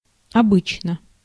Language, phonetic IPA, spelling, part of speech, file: Russian, [ɐˈbɨt͡ɕnə], обычно, adverb / adjective, Ru-обычно.ogg
- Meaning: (adverb) usually, habitually, customarily; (adjective) short neuter singular of обы́чный (obýčnyj): usual, habitual, customary